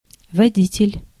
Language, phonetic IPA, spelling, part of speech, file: Russian, [vɐˈdʲitʲɪlʲ], водитель, noun, Ru-водитель.ogg
- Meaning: 1. guide, leader (a person who guides others or leads the way) 2. driver, operator (of an automobile or other land vehicle)